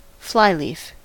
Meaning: 1. A blank leaf at the front or back of a book 2. A blank leaf at the front or back of a book.: Especially, the free portion of an endpaper
- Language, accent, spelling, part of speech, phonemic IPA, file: English, US, flyleaf, noun, /ˈflaɪˌlif/, En-us-flyleaf.ogg